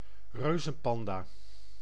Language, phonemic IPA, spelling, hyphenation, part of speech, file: Dutch, /ˈrøː.zə(n)ˌpɑn.daː/, reuzenpanda, reu‧zen‧pan‧da, noun, Nl-reuzenpanda.ogg
- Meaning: giant panda, panda bear (Ailuropoda melanoleuca)